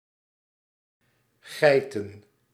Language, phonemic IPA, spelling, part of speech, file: Dutch, /ˈɣɛi̯tə(n)/, geiten, verb / noun, Nl-geiten.ogg
- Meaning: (verb) to act girlishly, esp. to giggle a lot; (noun) plural of geit